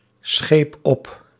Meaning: inflection of opschepen: 1. first-person singular present indicative 2. second-person singular present indicative 3. imperative
- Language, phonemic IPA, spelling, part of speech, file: Dutch, /ˈsxep ˈɔp/, scheep op, verb, Nl-scheep op.ogg